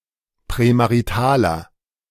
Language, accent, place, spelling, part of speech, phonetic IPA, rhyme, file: German, Germany, Berlin, prämaritaler, adjective, [pʁɛmaʁiˈtaːlɐ], -aːlɐ, De-prämaritaler.ogg
- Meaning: inflection of prämarital: 1. strong/mixed nominative masculine singular 2. strong genitive/dative feminine singular 3. strong genitive plural